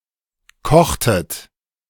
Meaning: inflection of kochen: 1. second-person plural preterite 2. second-person plural subjunctive II
- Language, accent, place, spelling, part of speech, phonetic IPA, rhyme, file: German, Germany, Berlin, kochtet, verb, [ˈkɔxtət], -ɔxtət, De-kochtet.ogg